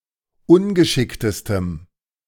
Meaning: strong dative masculine/neuter singular superlative degree of ungeschickt
- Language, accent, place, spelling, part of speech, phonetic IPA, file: German, Germany, Berlin, ungeschicktestem, adjective, [ˈʊnɡəˌʃɪktəstəm], De-ungeschicktestem.ogg